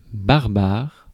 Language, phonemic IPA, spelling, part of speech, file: French, /baʁ.baʁ/, barbare, adjective, Fr-barbare.ogg
- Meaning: 1. barbarian (uncivilized) 2. horrible, awful (e.g., a type of music that one dislikes or a word or name that does not sound euphonious or is difficult to pronounce) 3. Berber